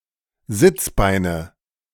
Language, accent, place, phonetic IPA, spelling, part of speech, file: German, Germany, Berlin, [ˈzɪt͡sˌbaɪ̯nə], Sitzbeine, noun, De-Sitzbeine.ogg
- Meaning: nominative/accusative/genitive plural of Sitzbein